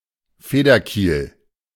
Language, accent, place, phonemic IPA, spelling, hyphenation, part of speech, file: German, Germany, Berlin, /ˈfeːdɐˌkiːl/, Federkiel, Fe‧der‧kiel, noun, De-Federkiel.ogg
- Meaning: quill (shaft of a feather)